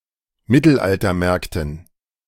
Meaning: dative plural of Mittelaltermarkt
- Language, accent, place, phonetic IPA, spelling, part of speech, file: German, Germany, Berlin, [ˈmɪtl̩ʔaltɐˌmɛʁktn̩], Mittelaltermärkten, noun, De-Mittelaltermärkten.ogg